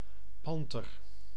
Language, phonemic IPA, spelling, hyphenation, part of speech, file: Dutch, /ˈpɑn.tər/, panter, pan‧ter, noun, Nl-panter.ogg
- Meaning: panther, leopard (Panthera pardus)